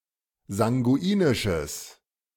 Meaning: strong/mixed nominative/accusative neuter singular of sanguinisch
- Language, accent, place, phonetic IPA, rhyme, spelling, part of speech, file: German, Germany, Berlin, [zaŋɡuˈiːnɪʃəs], -iːnɪʃəs, sanguinisches, adjective, De-sanguinisches.ogg